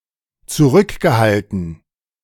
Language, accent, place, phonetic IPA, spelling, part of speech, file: German, Germany, Berlin, [t͡suˈʁʏkɡəˌhaltn̩], zurückgehalten, verb, De-zurückgehalten.ogg
- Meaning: past participle of zurückhalten